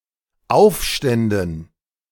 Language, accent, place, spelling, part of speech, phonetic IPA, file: German, Germany, Berlin, Aufständen, noun, [ˈaʊ̯fˌʃtɛndn̩], De-Aufständen.ogg
- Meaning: dative plural of Aufstand